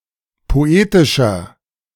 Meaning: 1. comparative degree of poetisch 2. inflection of poetisch: strong/mixed nominative masculine singular 3. inflection of poetisch: strong genitive/dative feminine singular
- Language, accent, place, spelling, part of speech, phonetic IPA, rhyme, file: German, Germany, Berlin, poetischer, adjective, [poˈeːtɪʃɐ], -eːtɪʃɐ, De-poetischer.ogg